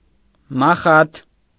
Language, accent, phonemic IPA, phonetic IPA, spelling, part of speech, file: Armenian, Eastern Armenian, /mɑˈχɑtʰ/, [mɑχɑ́tʰ], մախաթ, noun, Hy-մախաթ.ogg
- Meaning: packing needle